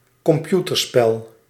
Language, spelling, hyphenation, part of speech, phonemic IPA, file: Dutch, computerspel, com‧pu‧ter‧spel, noun, /kɔmˈpjutərˌspɛl/, Nl-computerspel.ogg
- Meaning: a computer game, an electronic game designed to be run on a computer